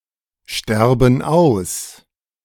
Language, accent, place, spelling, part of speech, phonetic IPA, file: German, Germany, Berlin, sterben aus, verb, [ˌʃtɛʁbn̩ ˈaʊ̯s], De-sterben aus.ogg
- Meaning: inflection of aussterben: 1. first/third-person plural present 2. first/third-person plural subjunctive I